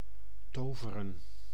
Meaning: 1. to perform magic 2. to do amazing things
- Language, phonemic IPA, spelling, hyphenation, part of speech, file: Dutch, /ˈtoːvərə(n)/, toveren, to‧ve‧ren, verb, Nl-toveren.ogg